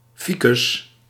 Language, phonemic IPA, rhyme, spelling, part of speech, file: Dutch, /ˈfi.kʏs/, -ikʏs, ficus, noun, Nl-ficus.ogg
- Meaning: A fig; any plant belonging to the genus Ficus